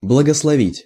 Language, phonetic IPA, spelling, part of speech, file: Russian, [bɫəɡəsɫɐˈvʲitʲ], благословить, verb, Ru-благословить.ogg
- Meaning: 1. to bless 2. to give one's blessing, to give permission